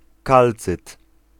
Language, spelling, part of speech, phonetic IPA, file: Polish, kalcyt, noun, [ˈkalt͡sɨt], Pl-kalcyt.ogg